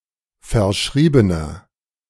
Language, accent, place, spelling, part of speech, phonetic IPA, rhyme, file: German, Germany, Berlin, verschriebener, adjective, [fɛɐ̯ˈʃʁiːbənɐ], -iːbənɐ, De-verschriebener.ogg
- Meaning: inflection of verschrieben: 1. strong/mixed nominative masculine singular 2. strong genitive/dative feminine singular 3. strong genitive plural